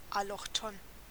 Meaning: allochthonous
- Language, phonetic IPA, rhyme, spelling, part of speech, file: German, [alɔxˈtoːn], -oːn, allochthon, adjective, De-allochthon.ogg